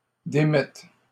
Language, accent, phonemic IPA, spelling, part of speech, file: French, Canada, /de.mɛt/, démette, verb, LL-Q150 (fra)-démette.wav
- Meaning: first/third-person singular present subjunctive of démettre